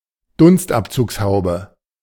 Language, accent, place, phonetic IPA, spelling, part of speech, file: German, Germany, Berlin, [ˈdʊnstʔapt͡suːksˌhaʊ̯bə], Dunstabzugshaube, noun, De-Dunstabzugshaube.ogg
- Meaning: kitchen hood, (UK) extractor hood, (US) range hood, (AU, NZ) rangehood, cooker hood, exhaust hood, oven hood